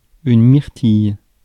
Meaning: blueberry (fruit), bilberry
- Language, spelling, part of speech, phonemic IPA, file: French, myrtille, noun, /miʁ.tij/, Fr-myrtille.ogg